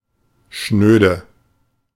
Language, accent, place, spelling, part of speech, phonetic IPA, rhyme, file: German, Germany, Berlin, schnöde, adjective, [ˈʃnøːdə], -øːdə, De-schnöde.ogg
- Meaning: despicable, vile